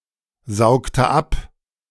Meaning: inflection of absaugen: 1. first/third-person singular preterite 2. first/third-person singular subjunctive II
- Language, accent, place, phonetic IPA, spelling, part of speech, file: German, Germany, Berlin, [ˌzaʊ̯ktə ˈap], saugte ab, verb, De-saugte ab.ogg